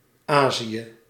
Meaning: Asia (the largest continent, located between Europe and the Pacific Ocean)
- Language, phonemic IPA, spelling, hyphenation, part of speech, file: Dutch, /ˈaː.zi.jə/, Azië, Azië, proper noun, Nl-Azië.ogg